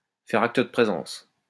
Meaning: to put in an appearance
- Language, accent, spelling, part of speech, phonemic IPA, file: French, France, faire acte de présence, verb, /fɛ.ʁ‿ak.t(ə) də pʁe.zɑ̃s/, LL-Q150 (fra)-faire acte de présence.wav